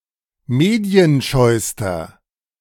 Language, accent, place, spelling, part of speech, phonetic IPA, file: German, Germany, Berlin, medienscheuster, adjective, [ˈmeːdi̯ənˌʃɔɪ̯stɐ], De-medienscheuster.ogg
- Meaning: inflection of medienscheu: 1. strong/mixed nominative masculine singular superlative degree 2. strong genitive/dative feminine singular superlative degree 3. strong genitive plural superlative degree